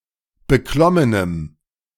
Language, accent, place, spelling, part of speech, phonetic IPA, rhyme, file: German, Germany, Berlin, beklommenem, adjective, [bəˈklɔmənəm], -ɔmənəm, De-beklommenem.ogg
- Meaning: strong dative masculine/neuter singular of beklommen